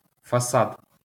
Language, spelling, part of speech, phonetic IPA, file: Ukrainian, фасад, noun, [fɐˈsad], LL-Q8798 (ukr)-фасад.wav
- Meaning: facade, frontage, front